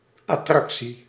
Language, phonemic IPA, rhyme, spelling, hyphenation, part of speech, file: Dutch, /ˌɑˈtrɑk.si/, -ɑksi, attractie, at‧trac‧tie, noun, Nl-attractie.ogg
- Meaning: attraction